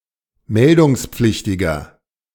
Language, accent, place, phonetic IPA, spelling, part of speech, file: German, Germany, Berlin, [ˈmɛldʊŋsp͡flɪçtɪɡɐ], meldungspflichtiger, adjective, De-meldungspflichtiger.ogg
- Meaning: inflection of meldungspflichtig: 1. strong/mixed nominative masculine singular 2. strong genitive/dative feminine singular 3. strong genitive plural